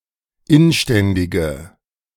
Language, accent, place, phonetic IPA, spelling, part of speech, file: German, Germany, Berlin, [ˈɪnˌʃtɛndɪɡə], inständige, adjective, De-inständige.ogg
- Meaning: inflection of inständig: 1. strong/mixed nominative/accusative feminine singular 2. strong nominative/accusative plural 3. weak nominative all-gender singular